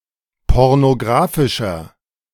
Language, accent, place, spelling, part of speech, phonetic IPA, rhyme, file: German, Germany, Berlin, pornografischer, adjective, [ˌpɔʁnoˈɡʁaːfɪʃɐ], -aːfɪʃɐ, De-pornografischer.ogg
- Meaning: inflection of pornografisch: 1. strong/mixed nominative masculine singular 2. strong genitive/dative feminine singular 3. strong genitive plural